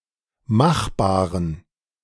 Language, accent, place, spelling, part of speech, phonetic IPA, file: German, Germany, Berlin, machbaren, adjective, [ˈmaxˌbaːʁən], De-machbaren.ogg
- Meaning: inflection of machbar: 1. strong genitive masculine/neuter singular 2. weak/mixed genitive/dative all-gender singular 3. strong/weak/mixed accusative masculine singular 4. strong dative plural